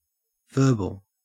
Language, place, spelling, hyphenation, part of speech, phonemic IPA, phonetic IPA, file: English, Queensland, verbal, ver‧bal, adjective / noun / verb, /ˈvɜː.bəl/, [ˈvɜː.bɫ̩], En-au-verbal.ogg
- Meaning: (adjective) 1. Of or relating to words 2. Concerned with the words, rather than the substance of a text 3. Consisting of words only 4. Expressly spoken rather than written; oral